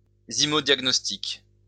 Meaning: zymodiagnostics
- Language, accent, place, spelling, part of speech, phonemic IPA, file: French, France, Lyon, zymodiagnostic, noun, /zi.mɔ.djaɡ.nɔs.tik/, LL-Q150 (fra)-zymodiagnostic.wav